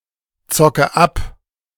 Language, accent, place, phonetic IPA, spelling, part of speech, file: German, Germany, Berlin, [ˌt͡sɔkə ˈap], zocke ab, verb, De-zocke ab.ogg
- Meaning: inflection of abzocken: 1. first-person singular present 2. first/third-person singular subjunctive I 3. singular imperative